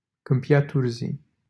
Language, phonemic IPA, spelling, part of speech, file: Romanian, /kɨmˌpi.a ˈturzij/, Câmpia Turzii, proper noun, LL-Q7913 (ron)-Câmpia Turzii.wav
- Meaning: a city in Cluj County, Romania